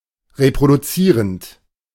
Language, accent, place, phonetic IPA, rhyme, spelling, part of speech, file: German, Germany, Berlin, [ʁepʁoduˈt͡siːʁənt], -iːʁənt, reproduzierend, verb, De-reproduzierend.ogg
- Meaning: present participle of reproduzieren